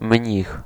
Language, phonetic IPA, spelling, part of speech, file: Polish, [mʲɲix], mnich, noun, Pl-mnich.ogg